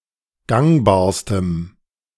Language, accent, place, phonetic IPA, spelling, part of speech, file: German, Germany, Berlin, [ˈɡaŋbaːɐ̯stəm], gangbarstem, adjective, De-gangbarstem.ogg
- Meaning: strong dative masculine/neuter singular superlative degree of gangbar